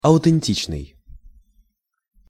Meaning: authentic
- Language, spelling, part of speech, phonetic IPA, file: Russian, аутентичный, adjective, [ɐʊtɨnʲˈtʲit͡ɕnɨj], Ru-аутентичный.ogg